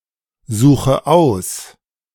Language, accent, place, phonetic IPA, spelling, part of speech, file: German, Germany, Berlin, [ˌzuːxə ˈaʊ̯s], suche aus, verb, De-suche aus.ogg
- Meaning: inflection of aussuchen: 1. first-person singular present 2. first/third-person singular subjunctive I 3. singular imperative